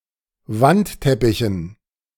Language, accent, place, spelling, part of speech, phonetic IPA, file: German, Germany, Berlin, Wandteppichen, noun, [ˈvantˌtɛpɪçn̩], De-Wandteppichen.ogg
- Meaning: dative plural of Wandteppich